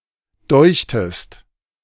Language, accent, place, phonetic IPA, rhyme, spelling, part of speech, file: German, Germany, Berlin, [ˈdɔɪ̯çtəst], -ɔɪ̯çtəst, deuchtest, verb, De-deuchtest.ogg
- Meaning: second-person singular preterite of dünken